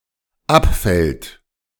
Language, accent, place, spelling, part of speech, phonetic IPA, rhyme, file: German, Germany, Berlin, abfällt, verb, [ˈapˌfɛlt], -apfɛlt, De-abfällt.ogg
- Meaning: third-person singular dependent present of abfallen